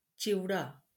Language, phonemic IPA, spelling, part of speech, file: Marathi, /t͡ɕiʋ.ɖa/, चिवडा, noun, LL-Q1571 (mar)-चिवडा.wav
- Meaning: chevda, Bombay mix